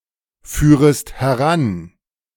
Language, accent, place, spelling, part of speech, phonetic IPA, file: German, Germany, Berlin, führest heran, verb, [ˌfyːʁəst hɛˈʁan], De-führest heran.ogg
- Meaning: second-person singular subjunctive I of heranführen